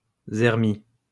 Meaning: synonym of misère
- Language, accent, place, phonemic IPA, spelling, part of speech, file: French, France, Lyon, /zɛʁ.mi/, zermi, noun, LL-Q150 (fra)-zermi.wav